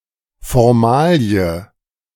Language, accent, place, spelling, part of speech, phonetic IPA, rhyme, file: German, Germany, Berlin, Formalie, noun, [fɔʁˈmaːli̯ə], -aːli̯ə, De-Formalie.ogg
- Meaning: formality